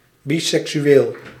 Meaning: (adjective) bisexual
- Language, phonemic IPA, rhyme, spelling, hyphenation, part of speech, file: Dutch, /ˌbi.sɛk.syˈeːl/, -eːl, biseksueel, bi‧sek‧su‧eel, adjective / noun, Nl-biseksueel.ogg